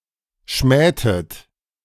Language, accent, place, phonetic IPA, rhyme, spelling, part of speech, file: German, Germany, Berlin, [ˈʃmɛːtət], -ɛːtət, schmähtet, verb, De-schmähtet.ogg
- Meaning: inflection of schmähen: 1. second-person plural preterite 2. second-person plural subjunctive II